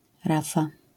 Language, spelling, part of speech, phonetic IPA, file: Polish, rafa, noun, [ˈrafa], LL-Q809 (pol)-rafa.wav